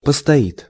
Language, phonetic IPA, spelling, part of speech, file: Russian, [pəstɐˈit], постоит, verb, Ru-постоит.ogg
- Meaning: third-person singular future indicative perfective of постоя́ть (postojátʹ)